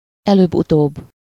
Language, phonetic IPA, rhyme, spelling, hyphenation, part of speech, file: Hungarian, [ˈɛløːbːutoːbː], -oːbː, előbb-utóbb, előbb-‧utóbb, adverb, Hu-előbb-utóbb.ogg
- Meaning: sooner or later